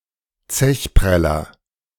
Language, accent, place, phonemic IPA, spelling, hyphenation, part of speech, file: German, Germany, Berlin, /ˈt͡sɛçˌpʁɛlɐ/, Zechpreller, Zech‧prel‧ler, noun, De-Zechpreller.ogg
- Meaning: dine-and-dasher